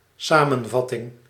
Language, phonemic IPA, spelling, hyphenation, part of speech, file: Dutch, /ˈsaː.mə(n)ˌvɑ.tɪŋ/, samenvatting, sa‧men‧vat‧ting, noun, Nl-samenvatting.ogg
- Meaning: a summary, a digest